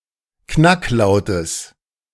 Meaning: genitive singular of Knacklaut
- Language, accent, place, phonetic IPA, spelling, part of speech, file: German, Germany, Berlin, [ˈknakˌlaʊ̯təs], Knacklautes, noun, De-Knacklautes.ogg